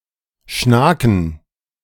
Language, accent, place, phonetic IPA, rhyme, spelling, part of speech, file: German, Germany, Berlin, [ˈʃnaːkn̩], -aːkn̩, Schnaken, noun, De-Schnaken.ogg
- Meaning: plural of Schnake